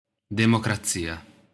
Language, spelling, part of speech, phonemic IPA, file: Italian, democrazia, noun, /demokraˈtsia/, It-democrazia.ogg